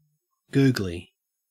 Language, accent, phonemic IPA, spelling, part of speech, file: English, Australia, /ˈɡʉːɡli/, googly, noun / adjective, En-au-googly.ogg
- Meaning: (noun) A ball, bowled by a leg-break bowler, that spins from off to leg (to a right-handed batsman), unlike a normal leg-break delivery; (adjective) 1. Bulging 2. Appearing to be amorous, flirtatious